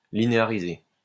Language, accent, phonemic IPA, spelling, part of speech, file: French, France, /li.ne.a.ʁi.ze/, linéariser, verb, LL-Q150 (fra)-linéariser.wav
- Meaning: to linearize